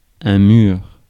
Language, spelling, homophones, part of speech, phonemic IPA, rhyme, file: French, mur, mûr / murs / mûrs / mure / mûre / mures / mûres / murent, noun, /myʁ/, -yʁ, Fr-mur.ogg
- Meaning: wall